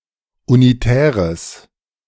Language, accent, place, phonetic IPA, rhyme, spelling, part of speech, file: German, Germany, Berlin, [uniˈtɛːʁəs], -ɛːʁəs, unitäres, adjective, De-unitäres.ogg
- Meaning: strong/mixed nominative/accusative neuter singular of unitär